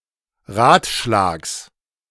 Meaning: genitive of Ratschlag
- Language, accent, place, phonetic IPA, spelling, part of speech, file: German, Germany, Berlin, [ˈʁaːtˌʃlaːks], Ratschlags, noun, De-Ratschlags.ogg